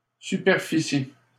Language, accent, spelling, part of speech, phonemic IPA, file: French, Canada, superficie, noun, /sy.pɛʁ.fi.si/, LL-Q150 (fra)-superficie.wav
- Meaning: 1. surface 2. area (amount of 2-dimensional space) 3. surface area